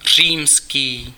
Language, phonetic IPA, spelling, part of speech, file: Czech, [ˈr̝iːmskiː], římský, adjective, Cs-římský.ogg
- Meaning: Roman